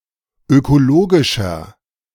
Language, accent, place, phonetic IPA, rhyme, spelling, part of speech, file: German, Germany, Berlin, [økoˈloːɡɪʃɐ], -oːɡɪʃɐ, ökologischer, adjective, De-ökologischer.ogg
- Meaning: 1. comparative degree of ökologisch 2. inflection of ökologisch: strong/mixed nominative masculine singular 3. inflection of ökologisch: strong genitive/dative feminine singular